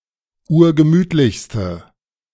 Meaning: inflection of urgemütlich: 1. strong/mixed nominative/accusative feminine singular superlative degree 2. strong nominative/accusative plural superlative degree
- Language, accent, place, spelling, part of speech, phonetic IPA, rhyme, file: German, Germany, Berlin, urgemütlichste, adjective, [ˈuːɐ̯ɡəˈmyːtlɪçstə], -yːtlɪçstə, De-urgemütlichste.ogg